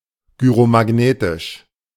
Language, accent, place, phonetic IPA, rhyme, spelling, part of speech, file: German, Germany, Berlin, [ɡyʁomaˈɡneːtɪʃ], -eːtɪʃ, gyromagnetisch, adjective, De-gyromagnetisch.ogg
- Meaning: gyromagnetic